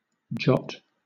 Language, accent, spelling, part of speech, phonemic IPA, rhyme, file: English, Southern England, jot, noun / verb, /d͡ʒɒt/, -ɒt, LL-Q1860 (eng)-jot.wav
- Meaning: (noun) 1. The smallest letter or stroke of any writing; an iota 2. A small, or the smallest, amount of a thing; a bit, a whit